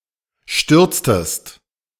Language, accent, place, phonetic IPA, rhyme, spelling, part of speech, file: German, Germany, Berlin, [ˈʃtʏʁt͡stəst], -ʏʁt͡stəst, stürztest, verb, De-stürztest.ogg
- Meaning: inflection of stürzen: 1. second-person singular preterite 2. second-person singular subjunctive II